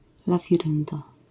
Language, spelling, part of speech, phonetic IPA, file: Polish, lafirynda, noun, [ˌlafʲiˈrɨ̃nda], LL-Q809 (pol)-lafirynda.wav